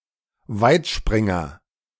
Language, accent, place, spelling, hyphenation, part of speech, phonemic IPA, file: German, Germany, Berlin, Weitspringer, Weit‧sprin‧ger, noun, /ˈvaɪ̯tˌʃpʁɪŋɐ/, De-Weitspringer.ogg
- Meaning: long jumper